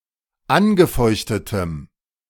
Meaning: strong dative masculine/neuter singular of angefeuchtet
- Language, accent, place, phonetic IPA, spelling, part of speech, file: German, Germany, Berlin, [ˈanɡəˌfɔɪ̯çtətəm], angefeuchtetem, adjective, De-angefeuchtetem.ogg